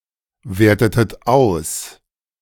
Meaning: inflection of auswerten: 1. second-person plural preterite 2. second-person plural subjunctive II
- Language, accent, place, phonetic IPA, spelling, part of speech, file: German, Germany, Berlin, [ˌveːɐ̯tətət ˈaʊ̯s], wertetet aus, verb, De-wertetet aus.ogg